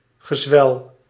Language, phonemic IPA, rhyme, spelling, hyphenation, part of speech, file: Dutch, /ɣəˈzʋɛl/, -ɛl, gezwel, ge‧zwel, noun, Nl-gezwel.ogg
- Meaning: tumour, neoplasm